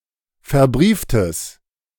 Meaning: strong/mixed nominative/accusative neuter singular of verbrieft
- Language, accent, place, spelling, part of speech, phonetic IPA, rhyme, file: German, Germany, Berlin, verbrieftes, adjective, [fɛɐ̯ˈbʁiːftəs], -iːftəs, De-verbrieftes.ogg